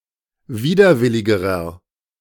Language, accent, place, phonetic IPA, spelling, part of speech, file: German, Germany, Berlin, [ˈviːdɐˌvɪlɪɡəʁɐ], widerwilligerer, adjective, De-widerwilligerer.ogg
- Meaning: inflection of widerwillig: 1. strong/mixed nominative masculine singular comparative degree 2. strong genitive/dative feminine singular comparative degree 3. strong genitive plural comparative degree